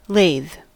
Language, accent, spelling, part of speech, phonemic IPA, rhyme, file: English, US, lathe, verb / noun, /leɪð/, -eɪð, En-us-lathe.ogg
- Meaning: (verb) To invite; bid; ask; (noun) An administrative division of the county of Kent, in England, from the Anglo-Saxon period until it fell entirely out of use in the early twentieth century